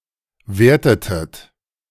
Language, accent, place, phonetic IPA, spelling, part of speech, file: German, Germany, Berlin, [ˈveːɐ̯tətət], wertetet, verb, De-wertetet.ogg
- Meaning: inflection of werten: 1. second-person plural preterite 2. second-person plural subjunctive II